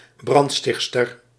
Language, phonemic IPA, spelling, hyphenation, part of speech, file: Dutch, /ˈbrɑntˌstɪx(t).stər/, brandstichtster, brand‧sticht‧ster, noun, Nl-brandstichtster.ogg
- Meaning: female arsonist